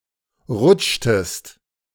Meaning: inflection of rutschen: 1. second-person singular preterite 2. second-person singular subjunctive II
- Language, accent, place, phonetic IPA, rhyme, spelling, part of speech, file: German, Germany, Berlin, [ˈʁʊt͡ʃtəst], -ʊt͡ʃtəst, rutschtest, verb, De-rutschtest.ogg